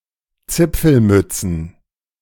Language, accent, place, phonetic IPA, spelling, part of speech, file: German, Germany, Berlin, [ˈt͡sɪp͡fl̩ˌmʏt͡sn̩], Zipfelmützen, noun, De-Zipfelmützen.ogg
- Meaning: plural of Zipfelmütze